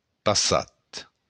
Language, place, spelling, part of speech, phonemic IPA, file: Occitan, Béarn, passat, adjective / noun, /paˈsat/, LL-Q14185 (oci)-passat.wav
- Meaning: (adjective) 1. past (having already happened) 2. last (most recent); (noun) past (the period of time that has already happened)